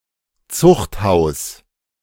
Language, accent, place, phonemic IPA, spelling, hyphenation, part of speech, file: German, Germany, Berlin, /ˈt͡sʊχthaʊ̯s/, Zuchthaus, Zucht‧haus, noun, De-Zuchthaus.ogg
- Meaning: 1. an aggravated form of prison with harsher conditions of detention 2. prison